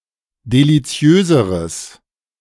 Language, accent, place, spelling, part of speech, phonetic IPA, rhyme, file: German, Germany, Berlin, deliziöseres, adjective, [deliˈt͡si̯øːzəʁəs], -øːzəʁəs, De-deliziöseres.ogg
- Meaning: strong/mixed nominative/accusative neuter singular comparative degree of deliziös